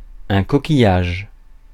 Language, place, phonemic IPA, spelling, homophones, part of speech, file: French, Paris, /kɔ.ki.jaʒ/, coquillage, coquillages, noun, Fr-coquillage.ogg
- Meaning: 1. seashell 2. shellfish